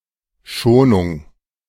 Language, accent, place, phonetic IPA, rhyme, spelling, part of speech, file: German, Germany, Berlin, [ˈʃoːnʊŋ], -oːnʊŋ, Schonung, noun, De-Schonung.ogg
- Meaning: 1. mercy, clemency 2. care, rest, protection; conservation 3. plantation, tree nursery